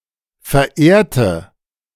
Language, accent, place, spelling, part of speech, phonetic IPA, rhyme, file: German, Germany, Berlin, verehrte, adjective / verb, [fɛɐ̯ˈʔeːɐ̯tə], -eːɐ̯tə, De-verehrte.ogg
- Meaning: inflection of verehren: 1. first/third-person singular preterite 2. first/third-person singular subjunctive II